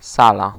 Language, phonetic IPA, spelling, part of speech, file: Polish, [ˈsala], sala, noun, Pl-sala.ogg